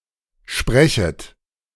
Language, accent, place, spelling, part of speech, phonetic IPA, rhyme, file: German, Germany, Berlin, sprechet, verb, [ˈʃpʁɛçət], -ɛçət, De-sprechet.ogg
- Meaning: second-person plural subjunctive I of sprechen